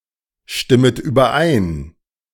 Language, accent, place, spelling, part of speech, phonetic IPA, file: German, Germany, Berlin, stimmet überein, verb, [ˌʃtɪmət yːbɐˈʔaɪ̯n], De-stimmet überein.ogg
- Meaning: second-person plural subjunctive I of übereinstimmen